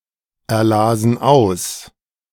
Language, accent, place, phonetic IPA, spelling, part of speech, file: German, Germany, Berlin, [ɛɐ̯ˌlaːzn̩ ˈaʊ̯s], erlasen aus, verb, De-erlasen aus.ogg
- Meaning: first/third-person plural preterite of auserlesen